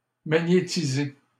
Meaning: to magnetise (UK), to magnetize (US)
- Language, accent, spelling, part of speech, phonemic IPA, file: French, Canada, magnétiser, verb, /ma.ɲe.ti.ze/, LL-Q150 (fra)-magnétiser.wav